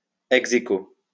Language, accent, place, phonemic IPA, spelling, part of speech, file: French, France, Lyon, /ɛɡ.ze.ko/, ex-æquo, adverb, LL-Q150 (fra)-ex-æquo.wav
- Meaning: alternative spelling of ex aequo